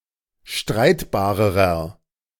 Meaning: inflection of streitbar: 1. strong/mixed nominative masculine singular comparative degree 2. strong genitive/dative feminine singular comparative degree 3. strong genitive plural comparative degree
- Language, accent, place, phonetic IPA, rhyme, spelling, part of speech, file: German, Germany, Berlin, [ˈʃtʁaɪ̯tbaːʁəʁɐ], -aɪ̯tbaːʁəʁɐ, streitbarerer, adjective, De-streitbarerer.ogg